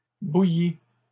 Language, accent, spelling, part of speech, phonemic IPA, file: French, Canada, bouillies, verb, /bu.ji/, LL-Q150 (fra)-bouillies.wav
- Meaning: feminine plural of bouilli